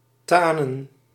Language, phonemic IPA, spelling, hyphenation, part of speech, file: Dutch, /ˈtaː.nə(n)/, tanen, ta‧nen, verb, Nl-tanen.ogg
- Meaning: 1. to tan, to treat with tannic acid 2. to tan, to turn into a tan colour 3. to wane, to decline